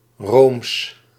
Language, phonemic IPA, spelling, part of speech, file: Dutch, /ˈroːms/, Rooms, adjective, Nl-Rooms.ogg
- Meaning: Roman